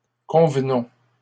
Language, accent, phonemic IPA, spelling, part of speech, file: French, Canada, /kɔ̃v.nɔ̃/, convenons, verb, LL-Q150 (fra)-convenons.wav
- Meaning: inflection of convenir: 1. first-person plural present indicative 2. first-person plural imperative